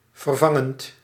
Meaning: present participle of vervangen
- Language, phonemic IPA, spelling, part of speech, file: Dutch, /vərˈvɑŋənt/, vervangend, verb / adjective, Nl-vervangend.ogg